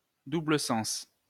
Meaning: alternative spelling of double sens
- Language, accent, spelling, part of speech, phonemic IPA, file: French, France, double-sens, noun, /du.blə.sɑ̃s/, LL-Q150 (fra)-double-sens.wav